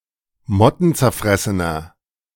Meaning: inflection of mottenzerfressen: 1. strong/mixed nominative masculine singular 2. strong genitive/dative feminine singular 3. strong genitive plural
- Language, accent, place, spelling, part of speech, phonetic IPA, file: German, Germany, Berlin, mottenzerfressener, adjective, [ˈmɔtn̩t͡sɛɐ̯ˌfʁɛsənɐ], De-mottenzerfressener.ogg